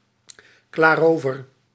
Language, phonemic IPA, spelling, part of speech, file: Dutch, /klaːˈroːvər/, klaar-over, noun, Nl-klaar-over.ogg
- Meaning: alternative spelling of klaarover